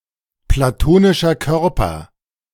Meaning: Platonic solid
- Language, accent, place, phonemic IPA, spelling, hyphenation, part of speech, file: German, Germany, Berlin, /plaˈtoːnɪʃər ˌkœrpər/, platonischer Körper, pla‧to‧ni‧scher Kör‧per, noun, De-platonischer Körper.ogg